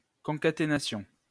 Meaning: concatenation
- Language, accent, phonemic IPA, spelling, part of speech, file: French, France, /kɔ̃.ka.te.na.sjɔ̃/, concaténation, noun, LL-Q150 (fra)-concaténation.wav